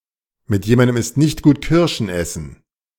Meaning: it is difficult to get along with someone
- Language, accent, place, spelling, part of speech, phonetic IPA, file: German, Germany, Berlin, mit jemandem ist nicht gut Kirschen essen, phrase, [mɪt ˈjeːmandəm ɪst nɪçt ɡuːt ˈkɪʁʃn̩ ˈɛsn̩], De-mit jemandem ist nicht gut Kirschen essen.ogg